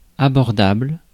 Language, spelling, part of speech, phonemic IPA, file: French, abordable, adjective, /a.bɔʁ.dabl/, Fr-abordable.ogg
- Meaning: 1. not overly costly; affordable 2. approachable 3. accessible 4. of a boat: easy to attack